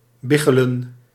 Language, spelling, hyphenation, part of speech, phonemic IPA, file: Dutch, biggelen, big‧ge‧len, verb, /ˈbɪɣɛlə(n)/, Nl-biggelen.ogg
- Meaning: to roll downward (of tears)